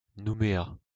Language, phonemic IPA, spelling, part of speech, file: French, /nu.me.a/, Nouméa, proper noun, LL-Q150 (fra)-Nouméa.wav
- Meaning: Nouméa (the capital city of the French overseas territory New Caledonia, a natural South Sea port on its main island)